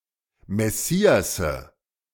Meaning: 1. nominative plural of Messias 2. accusative plural of Messias 3. genitive plural of Messias
- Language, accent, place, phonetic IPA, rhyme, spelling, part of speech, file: German, Germany, Berlin, [mɛˈsiːasə], -iːasə, Messiasse, noun, De-Messiasse.ogg